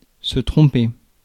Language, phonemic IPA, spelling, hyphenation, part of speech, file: French, /tʁɔ̃.pe/, tromper, trom‧per, verb, Fr-tromper.ogg
- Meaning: 1. to deceive, lead astray, mislead: to trick, dupe 2. to deceive, lead astray, mislead: to cheat on one's significant other 3. to distract oneself from 4. to make a mistake, be wrong